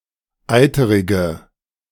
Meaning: inflection of eiterig: 1. strong/mixed nominative/accusative feminine singular 2. strong nominative/accusative plural 3. weak nominative all-gender singular 4. weak accusative feminine/neuter singular
- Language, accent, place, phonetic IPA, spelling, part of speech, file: German, Germany, Berlin, [ˈaɪ̯təʁɪɡə], eiterige, adjective, De-eiterige.ogg